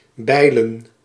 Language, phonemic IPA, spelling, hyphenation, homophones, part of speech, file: Dutch, /ˈbɛi̯.lə(n)/, Beilen, Bei‧len, bijlen, proper noun, Nl-Beilen.ogg
- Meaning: a village and former municipality of Midden-Drenthe, Drenthe, Netherlands